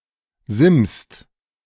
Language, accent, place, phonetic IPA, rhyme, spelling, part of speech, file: German, Germany, Berlin, [zɪmst], -ɪmst, simst, verb, De-simst.ogg
- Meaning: inflection of simsen: 1. second/third-person singular present 2. second-person plural present 3. plural imperative